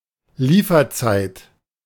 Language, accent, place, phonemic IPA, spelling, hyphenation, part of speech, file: German, Germany, Berlin, /ˈliːfɐˌt͡saɪ̯t/, Lieferzeit, Lie‧fer‧zeit, noun, De-Lieferzeit.ogg
- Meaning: delivery time